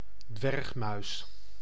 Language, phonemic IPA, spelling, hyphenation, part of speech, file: Dutch, /ˈdʋɛrx.mœy̯s/, dwergmuis, dwerg‧muis, noun, Nl-dwergmuis.ogg
- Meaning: harvest mouse (Micromys minutus)